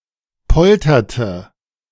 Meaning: inflection of poltern: 1. first/third-person singular preterite 2. first/third-person singular subjunctive II
- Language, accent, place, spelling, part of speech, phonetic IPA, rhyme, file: German, Germany, Berlin, polterte, verb, [ˈpɔltɐtə], -ɔltɐtə, De-polterte.ogg